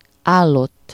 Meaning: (verb) 1. archaic form of állt, third-person singular indicative past indefinite of áll 2. past participle of áll; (adjective) 1. stale (no longer fresh) 2. lukewarm, room-temperature
- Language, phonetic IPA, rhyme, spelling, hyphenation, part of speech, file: Hungarian, [ˈaːlːotː], -otː, állott, ál‧lott, verb / adjective, Hu-állott.ogg